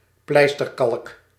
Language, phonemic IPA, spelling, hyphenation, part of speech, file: Dutch, /ˈplɛi̯s.tərˌkɑlk/, pleisterkalk, pleis‧ter‧kalk, noun, Nl-pleisterkalk.ogg
- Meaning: the material plaster(ing chalk), stucco